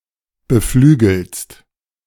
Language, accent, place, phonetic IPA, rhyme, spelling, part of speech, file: German, Germany, Berlin, [bəˈflyːɡl̩st], -yːɡl̩st, beflügelst, verb, De-beflügelst.ogg
- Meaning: second-person singular present of beflügeln